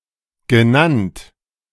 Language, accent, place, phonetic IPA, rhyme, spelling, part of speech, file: German, Germany, Berlin, [ɡəˈnant], -ant, genannt, verb / adjective, De-genannt.ogg
- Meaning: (verb) past participle of nennen; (adjective) called, mentioned, named